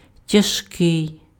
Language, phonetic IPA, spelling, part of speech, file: Ukrainian, [tʲɐʒˈkɪi̯], тяжкий, adjective, Uk-тяжкий.ogg
- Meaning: 1. heavy 2. hard, grave, severe